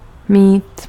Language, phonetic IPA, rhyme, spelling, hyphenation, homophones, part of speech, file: Czech, [ˈmiːt], -iːt, mýt, mýt, mít, verb, Cs-mýt.ogg
- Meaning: to wash